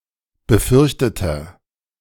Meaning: inflection of befürchtet: 1. strong/mixed nominative masculine singular 2. strong genitive/dative feminine singular 3. strong genitive plural
- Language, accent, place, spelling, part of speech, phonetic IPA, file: German, Germany, Berlin, befürchteter, adjective, [bəˈfʏʁçtətɐ], De-befürchteter.ogg